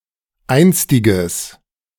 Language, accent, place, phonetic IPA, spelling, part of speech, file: German, Germany, Berlin, [ˈaɪ̯nstɪɡəs], einstiges, adjective, De-einstiges.ogg
- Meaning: strong/mixed nominative/accusative neuter singular of einstig